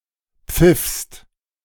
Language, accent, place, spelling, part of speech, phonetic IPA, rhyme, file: German, Germany, Berlin, pfiffst, verb, [p͡fɪfst], -ɪfst, De-pfiffst.ogg
- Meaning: second-person singular preterite of pfeifen